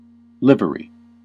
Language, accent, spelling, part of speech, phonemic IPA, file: English, US, livery, noun / verb, /ˈlɪv(ə)ɹi/, En-us-livery.ogg
- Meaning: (noun) 1. Any distinctive identifying uniform worn by a group, such as the uniform worn by chauffeurs and male servants 2. The whole body of liverymen, members of livery companies